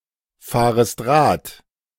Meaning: second-person singular subjunctive I of Rad fahren
- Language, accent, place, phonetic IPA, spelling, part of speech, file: German, Germany, Berlin, [ˌfaːʁəst ˈʁaːt], fahrest Rad, verb, De-fahrest Rad.ogg